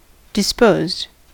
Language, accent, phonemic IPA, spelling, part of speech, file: English, US, /dɪˈspoʊzd/, disposed, verb / adjective, En-us-disposed.ogg
- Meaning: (verb) simple past and past participle of dispose; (adjective) 1. inclined, minded 2. Having a certain disposition 3. Inclined to mirth; jolly